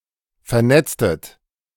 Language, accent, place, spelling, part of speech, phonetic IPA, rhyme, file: German, Germany, Berlin, vernetztet, verb, [fɛɐ̯ˈnɛt͡stət], -ɛt͡stət, De-vernetztet.ogg
- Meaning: inflection of vernetzen: 1. second-person plural preterite 2. second-person plural subjunctive II